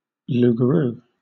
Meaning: A werewolf
- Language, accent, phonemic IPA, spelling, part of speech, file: English, Southern England, /ˌlu.ɡəˈɹuː/, loup-garou, noun, LL-Q1860 (eng)-loup-garou.wav